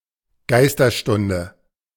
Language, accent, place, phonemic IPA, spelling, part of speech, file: German, Germany, Berlin, /ˈɡaɪ̯stɐˌʃtʊndə/, Geisterstunde, noun, De-Geisterstunde.ogg
- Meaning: witching hour